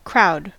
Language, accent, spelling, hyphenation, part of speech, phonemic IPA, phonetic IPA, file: English, US, crowd, crowd, verb / noun, /ˈkɹaʊ̯d/, [ˈkʰɹʷaʊ̯d], En-us-crowd.ogg
- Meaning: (verb) 1. To press forward; to advance by pushing 2. To press together or collect in numbers 3. To press or drive together, especially into a small space; to cram